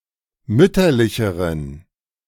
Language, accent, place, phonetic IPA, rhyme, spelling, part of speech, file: German, Germany, Berlin, [ˈmʏtɐlɪçəʁən], -ʏtɐlɪçəʁən, mütterlicheren, adjective, De-mütterlicheren.ogg
- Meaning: inflection of mütterlich: 1. strong genitive masculine/neuter singular comparative degree 2. weak/mixed genitive/dative all-gender singular comparative degree